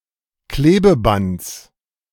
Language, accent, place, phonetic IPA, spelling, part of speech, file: German, Germany, Berlin, [ˈkleːbəˌbant͡s], Klebebands, noun, De-Klebebands.ogg
- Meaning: genitive of Klebeband